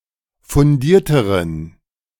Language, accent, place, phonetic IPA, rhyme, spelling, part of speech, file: German, Germany, Berlin, [fʊnˈdiːɐ̯təʁən], -iːɐ̯təʁən, fundierteren, adjective, De-fundierteren.ogg
- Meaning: inflection of fundiert: 1. strong genitive masculine/neuter singular comparative degree 2. weak/mixed genitive/dative all-gender singular comparative degree